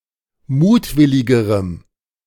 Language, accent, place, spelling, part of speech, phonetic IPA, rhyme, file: German, Germany, Berlin, mutwilligerem, adjective, [ˈmuːtˌvɪlɪɡəʁəm], -uːtvɪlɪɡəʁəm, De-mutwilligerem.ogg
- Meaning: strong dative masculine/neuter singular comparative degree of mutwillig